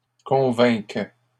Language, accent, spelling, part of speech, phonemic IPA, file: French, Canada, convainquent, verb, /kɔ̃.vɛ̃k/, LL-Q150 (fra)-convainquent.wav
- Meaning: third-person plural present indicative/subjunctive of convaincre